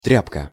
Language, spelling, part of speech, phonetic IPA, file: Russian, тряпка, noun, [ˈtrʲapkə], Ru-тряпка.ogg
- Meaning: 1. rag (piece of cloth) 2. milksop, softy